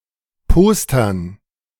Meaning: dative plural of Poster
- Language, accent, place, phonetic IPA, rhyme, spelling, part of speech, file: German, Germany, Berlin, [ˈpoːstɐn], -oːstɐn, Postern, noun, De-Postern.ogg